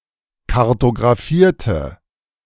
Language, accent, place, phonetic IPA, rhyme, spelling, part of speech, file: German, Germany, Berlin, [kaʁtoɡʁaˈfiːɐ̯tə], -iːɐ̯tə, kartographierte, adjective / verb, De-kartographierte.ogg
- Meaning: inflection of kartographieren: 1. first/third-person singular preterite 2. first/third-person singular subjunctive II